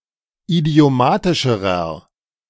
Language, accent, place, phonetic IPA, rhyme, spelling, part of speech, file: German, Germany, Berlin, [idi̯oˈmaːtɪʃəʁɐ], -aːtɪʃəʁɐ, idiomatischerer, adjective, De-idiomatischerer.ogg
- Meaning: inflection of idiomatisch: 1. strong/mixed nominative masculine singular comparative degree 2. strong genitive/dative feminine singular comparative degree 3. strong genitive plural comparative degree